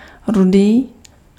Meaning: red
- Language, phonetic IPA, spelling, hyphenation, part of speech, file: Czech, [ˈrudiː], rudý, ru‧dý, adjective, Cs-rudý.ogg